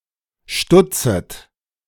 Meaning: second-person plural subjunctive I of stutzen
- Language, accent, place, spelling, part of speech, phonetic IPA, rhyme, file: German, Germany, Berlin, stutzet, verb, [ˈʃtʊt͡sət], -ʊt͡sət, De-stutzet.ogg